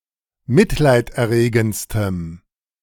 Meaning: strong dative masculine/neuter singular superlative degree of mitleiderregend
- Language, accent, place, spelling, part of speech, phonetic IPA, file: German, Germany, Berlin, mitleiderregendstem, adjective, [ˈmɪtlaɪ̯tʔɛɐ̯ˌʁeːɡn̩t͡stəm], De-mitleiderregendstem.ogg